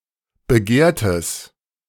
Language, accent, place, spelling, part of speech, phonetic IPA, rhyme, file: German, Germany, Berlin, begehrtes, adjective, [bəˈɡeːɐ̯təs], -eːɐ̯təs, De-begehrtes.ogg
- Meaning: strong/mixed nominative/accusative neuter singular of begehrt